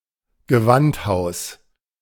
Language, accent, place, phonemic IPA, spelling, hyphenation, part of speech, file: German, Germany, Berlin, /ɡəˈvantˌhaʊ̯s/, Gewandhaus, Ge‧wand‧haus, noun, De-Gewandhaus.ogg
- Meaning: cloth hall